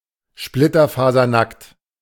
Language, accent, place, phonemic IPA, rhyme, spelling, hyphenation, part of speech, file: German, Germany, Berlin, /ˌʃplɪtɐfaːzɐˈnakt/, -akt, splitterfasernackt, split‧ter‧fa‧ser‧nackt, adjective, De-splitterfasernackt.ogg
- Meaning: stark naked, starkers, butt-naked (completely nude)